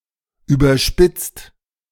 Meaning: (verb) past participle of überspitzen; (adjective) exaggerated; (verb) inflection of überspitzen: 1. second/third-person singular present 2. second-person plural present 3. plural imperative
- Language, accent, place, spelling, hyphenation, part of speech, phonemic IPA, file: German, Germany, Berlin, überspitzt, über‧spitzt, verb / adjective, /ˌyːbɐˈʃpɪt͡st/, De-überspitzt.ogg